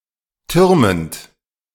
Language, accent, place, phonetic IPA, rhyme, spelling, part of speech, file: German, Germany, Berlin, [ˈtʏʁmənt], -ʏʁmənt, türmend, verb, De-türmend.ogg
- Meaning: present participle of türmen